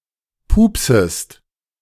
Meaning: second-person singular subjunctive I of pupsen
- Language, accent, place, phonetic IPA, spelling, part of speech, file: German, Germany, Berlin, [ˈpuːpsəst], pupsest, verb, De-pupsest.ogg